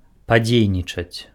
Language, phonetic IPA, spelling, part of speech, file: Belarusian, [paˈd͡zʲejnʲit͡ʂat͡sʲ], падзейнічаць, verb, Be-падзейнічаць.ogg
- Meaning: to act (perform an action or activity)